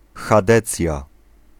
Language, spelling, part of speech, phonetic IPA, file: Polish, chadecja, noun, [xaˈdɛt͡sʲja], Pl-chadecja.ogg